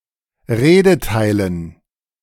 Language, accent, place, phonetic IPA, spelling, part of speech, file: German, Germany, Berlin, [ˈʁeːdəˌtaɪ̯lən], Redeteilen, noun, De-Redeteilen.ogg
- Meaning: dative plural of Redeteil